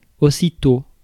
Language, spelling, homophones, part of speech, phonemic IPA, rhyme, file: French, aussitôt, aussitost / aussi-tôt, adverb, /o.si.to/, -o, Fr-aussitôt.ogg
- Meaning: immediately